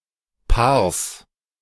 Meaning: genitive singular of Paar
- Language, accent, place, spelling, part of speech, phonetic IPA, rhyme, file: German, Germany, Berlin, Paars, noun, [paːɐ̯s], -aːɐ̯s, De-Paars.ogg